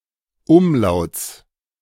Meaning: genitive singular of Umlaut
- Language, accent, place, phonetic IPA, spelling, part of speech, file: German, Germany, Berlin, [ˈʊmˌlaʊ̯t͡s], Umlauts, noun, De-Umlauts.ogg